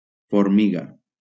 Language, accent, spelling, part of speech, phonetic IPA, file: Catalan, Valencia, formiga, noun, [foɾˈmi.ɣa], LL-Q7026 (cat)-formiga.wav
- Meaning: ant